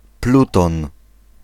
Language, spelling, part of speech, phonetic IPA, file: Polish, Pluton, proper noun, [ˈplutɔ̃n], Pl-Pluton.ogg